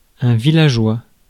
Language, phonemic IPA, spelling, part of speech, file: French, /vi.la.ʒwa/, villageois, adjective / noun, Fr-villageois.ogg
- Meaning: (adjective) villagelike, characteristic of a village; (noun) villager (someone who lives in a village)